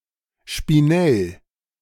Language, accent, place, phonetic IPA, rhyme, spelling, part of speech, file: German, Germany, Berlin, [ʃpiˈnɛl], -ɛl, Spinell, noun, De-Spinell.ogg
- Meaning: spinel